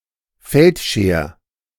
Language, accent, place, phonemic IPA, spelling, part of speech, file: German, Germany, Berlin, /ˈfɛltˌʃɐ̯/, Feldscher, noun, De-Feldscher.ogg
- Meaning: 1. barber surgeon, field surgeon 2. feldscher, physician assistant in the GDR